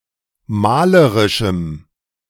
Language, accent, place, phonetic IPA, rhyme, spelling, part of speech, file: German, Germany, Berlin, [ˈmaːləʁɪʃm̩], -aːləʁɪʃm̩, malerischem, adjective, De-malerischem.ogg
- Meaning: strong dative masculine/neuter singular of malerisch